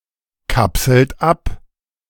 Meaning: inflection of abkapseln: 1. third-person singular present 2. second-person plural present 3. plural imperative
- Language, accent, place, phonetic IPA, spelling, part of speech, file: German, Germany, Berlin, [ˌkapsl̩t ˈap], kapselt ab, verb, De-kapselt ab.ogg